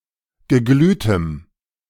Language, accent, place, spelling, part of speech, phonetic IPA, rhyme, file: German, Germany, Berlin, geglühtem, adjective, [ɡəˈɡlyːtəm], -yːtəm, De-geglühtem.ogg
- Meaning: strong dative masculine/neuter singular of geglüht